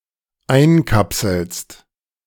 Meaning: second-person singular dependent present of einkapseln
- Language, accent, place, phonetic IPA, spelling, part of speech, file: German, Germany, Berlin, [ˈaɪ̯nˌkapsl̩st], einkapselst, verb, De-einkapselst.ogg